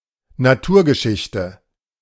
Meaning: natural history
- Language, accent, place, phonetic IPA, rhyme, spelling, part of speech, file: German, Germany, Berlin, [naˈtuːɐ̯ɡəˌʃɪçtə], -uːɐ̯ɡəʃɪçtə, Naturgeschichte, noun, De-Naturgeschichte.ogg